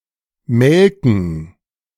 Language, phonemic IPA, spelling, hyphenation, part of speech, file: German, /ˈmɛlkən/, melken, mel‧ken, verb, De-melken3.ogg
- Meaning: 1. to milk (a cow, goat etc.) 2. to drain; to draw from (someone or something), especially without consent; to milk (someone) for money, information, etc